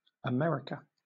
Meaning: 1. A supercontinent consisting of North America, Central America and South America regarded as a whole; in full, the Americas 2. A country in North America; in full, United States of America
- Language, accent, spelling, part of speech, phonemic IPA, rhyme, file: English, Southern England, America, proper noun, /əˈmɛɹɪkə/, -ɛɹɪkə, LL-Q1860 (eng)-America.wav